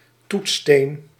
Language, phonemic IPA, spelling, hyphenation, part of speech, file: Dutch, /ˈtut(s).steːn/, toetssteen, toets‧steen, noun, Nl-toetssteen.ogg
- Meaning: touchstone